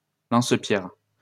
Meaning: slingshot
- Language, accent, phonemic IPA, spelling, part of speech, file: French, France, /lɑ̃s.pjɛʁ/, lance-pierre, noun, LL-Q150 (fra)-lance-pierre.wav